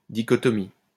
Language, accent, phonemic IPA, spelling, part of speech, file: French, France, /di.kɔ.tɔ.mi/, dichotomie, noun, LL-Q150 (fra)-dichotomie.wav
- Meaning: dichotomy